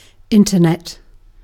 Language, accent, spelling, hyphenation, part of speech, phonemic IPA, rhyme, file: English, UK, Internet, Inter‧net, proper noun, /ˈɪn.təˌnɛt/, -ɛt, En-uk-Internet.ogg